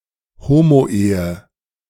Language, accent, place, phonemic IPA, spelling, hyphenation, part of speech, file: German, Germany, Berlin, /ˈhoːmoˌʔeːə/, Homoehe, Ho‧mo‧ehe, noun, De-Homoehe.ogg
- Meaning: same-sex marriage